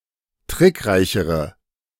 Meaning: inflection of trickreich: 1. strong/mixed nominative/accusative feminine singular comparative degree 2. strong nominative/accusative plural comparative degree
- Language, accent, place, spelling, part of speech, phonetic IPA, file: German, Germany, Berlin, trickreichere, adjective, [ˈtʁɪkˌʁaɪ̯çəʁə], De-trickreichere.ogg